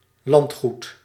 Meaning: 1. estate, manor 2. property
- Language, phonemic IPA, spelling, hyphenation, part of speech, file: Dutch, /ˈlɑnt.xut/, landgoed, land‧goed, noun, Nl-landgoed.ogg